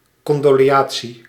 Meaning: condolence
- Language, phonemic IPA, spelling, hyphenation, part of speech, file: Dutch, /ˌkɔn.doː.leːˈɑn.(t)si/, condoleantie, con‧do‧le‧an‧tie, noun, Nl-condoleantie.ogg